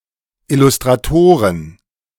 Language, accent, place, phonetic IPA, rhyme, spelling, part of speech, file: German, Germany, Berlin, [ɪlʊstʁaˈtoːʁən], -oːʁən, Illustratoren, noun, De-Illustratoren.ogg
- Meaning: plural of Illustrator